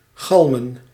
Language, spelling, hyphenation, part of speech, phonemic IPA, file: Dutch, galmen, gal‧men, verb / noun, /ˈɣɑlmə(n)/, Nl-galmen.ogg
- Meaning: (verb) to resound, to echo; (noun) plural of galm